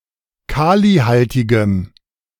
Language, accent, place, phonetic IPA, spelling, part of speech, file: German, Germany, Berlin, [ˈkaːliˌhaltɪɡəm], kalihaltigem, adjective, De-kalihaltigem.ogg
- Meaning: strong dative masculine/neuter singular of kalihaltig